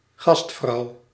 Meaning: hostess
- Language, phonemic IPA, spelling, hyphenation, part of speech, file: Dutch, /ˈɣɑst.frɑu̯/, gastvrouw, gast‧vrouw, noun, Nl-gastvrouw.ogg